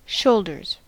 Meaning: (noun) 1. plural of shoulder 2. The two shoulders and the upper portion of the back 3. Capacity for bearing a task or blame; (verb) third-person singular simple present indicative of shoulder
- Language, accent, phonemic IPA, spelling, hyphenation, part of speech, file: English, US, /ˈʃoʊldɚz/, shoulders, shoul‧ders, noun / verb, En-us-shoulders.ogg